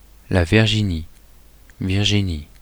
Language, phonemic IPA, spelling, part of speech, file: French, /viʁ.ʒi.ni/, Virginie, proper noun, Fr-Virginie.oga
- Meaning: 1. Virginia (a state of the United States) 2. a female given name, equivalent to English Virginia